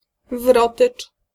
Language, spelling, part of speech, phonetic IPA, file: Polish, wrotycz, noun, [ˈvrɔtɨt͡ʃ], Pl-wrotycz.ogg